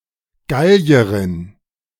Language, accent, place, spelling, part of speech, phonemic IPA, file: German, Germany, Berlin, Gallierin, noun, /ˈɡali̯əʁɪn/, De-Gallierin.ogg
- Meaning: female equivalent of Gallier; female Gaul (female native or inhabitant of the historical region of Gaul, or poetically the modern nation of France)